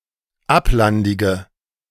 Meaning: inflection of ablandig: 1. strong/mixed nominative/accusative feminine singular 2. strong nominative/accusative plural 3. weak nominative all-gender singular
- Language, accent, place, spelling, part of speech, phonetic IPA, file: German, Germany, Berlin, ablandige, adjective, [ˈaplandɪɡə], De-ablandige.ogg